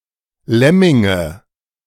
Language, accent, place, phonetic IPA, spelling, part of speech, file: German, Germany, Berlin, [ˈlɛmɪŋə], Lemminge, noun, De-Lemminge.ogg
- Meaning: nominative/accusative/genitive plural of Lemming